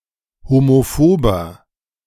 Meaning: 1. comparative degree of homophob 2. inflection of homophob: strong/mixed nominative masculine singular 3. inflection of homophob: strong genitive/dative feminine singular
- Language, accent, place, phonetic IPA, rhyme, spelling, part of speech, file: German, Germany, Berlin, [homoˈfoːbɐ], -oːbɐ, homophober, adjective, De-homophober.ogg